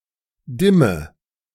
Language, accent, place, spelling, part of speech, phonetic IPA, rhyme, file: German, Germany, Berlin, dimme, verb, [ˈdɪmə], -ɪmə, De-dimme.ogg
- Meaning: inflection of dimmen: 1. first-person singular present 2. singular imperative 3. first/third-person singular subjunctive I